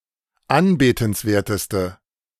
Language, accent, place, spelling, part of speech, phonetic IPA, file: German, Germany, Berlin, anbetenswerteste, adjective, [ˈanbeːtn̩sˌveːɐ̯təstə], De-anbetenswerteste.ogg
- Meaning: inflection of anbetenswert: 1. strong/mixed nominative/accusative feminine singular superlative degree 2. strong nominative/accusative plural superlative degree